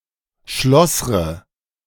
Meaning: inflection of schlossern: 1. first-person singular present 2. first/third-person singular subjunctive I 3. singular imperative
- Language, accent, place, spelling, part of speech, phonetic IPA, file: German, Germany, Berlin, schlossre, verb, [ˈʃlɔsʁə], De-schlossre.ogg